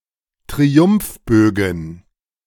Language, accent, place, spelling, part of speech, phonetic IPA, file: German, Germany, Berlin, Triumphbögen, noun, [tʁiˈʊmfˌbøːɡn̩], De-Triumphbögen.ogg
- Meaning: plural of Triumphbogen